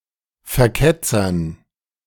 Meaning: to denounce (e.g. as heretic)
- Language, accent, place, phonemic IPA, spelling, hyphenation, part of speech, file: German, Germany, Berlin, /fɛɐ̯ˈkɛt͡sɐn/, verketzern, ver‧ket‧zern, verb, De-verketzern.ogg